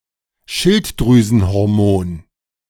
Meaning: thyroid hormone
- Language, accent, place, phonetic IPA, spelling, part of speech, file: German, Germany, Berlin, [ˈʃɪltdʁyːzn̩hɔʁˌmoːn], Schilddrüsenhormon, noun, De-Schilddrüsenhormon.ogg